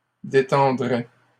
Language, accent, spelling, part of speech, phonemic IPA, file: French, Canada, détendrait, verb, /de.tɑ̃.dʁɛ/, LL-Q150 (fra)-détendrait.wav
- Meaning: third-person singular conditional of détendre